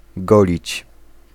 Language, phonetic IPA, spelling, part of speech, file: Polish, [ˈɡɔlʲit͡ɕ], golić, verb, Pl-golić.ogg